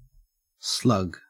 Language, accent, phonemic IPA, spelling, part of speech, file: English, Australia, /slɐɡ/, slug, noun / verb, En-au-slug.ogg
- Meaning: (noun) 1. Any of many gastropod mollusks, having no (or only a rudimentary) shell 2. A slow, lazy person; a sluggard